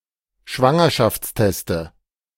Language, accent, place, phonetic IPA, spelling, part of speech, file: German, Germany, Berlin, [ˈʃvaŋɐʃaft͡sˌtɛstə], Schwangerschaftsteste, noun, De-Schwangerschaftsteste.ogg
- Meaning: nominative/accusative/genitive plural of Schwangerschaftstest